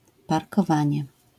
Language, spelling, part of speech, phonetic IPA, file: Polish, parkowanie, noun, [ˌparkɔˈvãɲɛ], LL-Q809 (pol)-parkowanie.wav